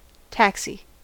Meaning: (noun) 1. A vehicle that may be hired for single journeys by members of the public, particularly one with an automated meter to calculate the fare 2. An aircraft used for practicing ground manoeuvres
- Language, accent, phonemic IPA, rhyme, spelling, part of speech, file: English, US, /ˈtæksi/, -æksi, taxi, noun / verb, En-us-taxi.ogg